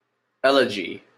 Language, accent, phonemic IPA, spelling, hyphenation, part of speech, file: English, Canada, /ˈɛlɪd͡ʒi/, elegy, el‧e‧gy, noun, En-ca-elegy.opus
- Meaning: 1. A mournful or plaintive poem; a funeral song; a poem of lamentation 2. A composition of mournful character 3. A classical poem written in elegiac meter